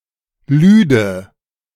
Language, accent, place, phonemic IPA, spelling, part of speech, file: German, Germany, Berlin, /ˈlyːdə/, lüde, verb, De-lüde.ogg
- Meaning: first/third-person singular subjunctive II of laden